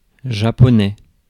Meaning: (noun) the Japanese language; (adjective) Japanese
- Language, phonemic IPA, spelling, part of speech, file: French, /ʒa.pɔ.nɛ/, japonais, noun / adjective, Fr-japonais.ogg